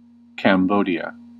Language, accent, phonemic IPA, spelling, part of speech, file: English, US, /kæmˈboʊdi.ə/, Cambodia, proper noun, En-us-Cambodia.ogg
- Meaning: A country in Southeast Asia. Official name: Kingdom of Cambodia. Capital: Phnom Penh